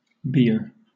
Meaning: 1. A litter to transport the corpse of a dead person 2. A platform or stand where a body or coffin is placed 3. A count of forty threads in the warp or chain of woollen cloth
- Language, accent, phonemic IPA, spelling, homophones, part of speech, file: English, Southern England, /bɪə/, bier, beer / bere, noun, LL-Q1860 (eng)-bier.wav